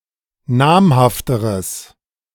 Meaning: strong/mixed nominative/accusative neuter singular comparative degree of namhaft
- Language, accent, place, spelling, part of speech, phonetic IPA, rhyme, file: German, Germany, Berlin, namhafteres, adjective, [ˈnaːmhaftəʁəs], -aːmhaftəʁəs, De-namhafteres.ogg